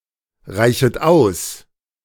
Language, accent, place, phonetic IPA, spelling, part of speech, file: German, Germany, Berlin, [ˌʁaɪ̯çət ˈaʊ̯s], reichet aus, verb, De-reichet aus.ogg
- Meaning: second-person plural subjunctive I of ausreichen